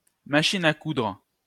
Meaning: sewing machine
- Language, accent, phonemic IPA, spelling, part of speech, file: French, France, /ma.ʃin a kudʁ/, machine à coudre, noun, LL-Q150 (fra)-machine à coudre.wav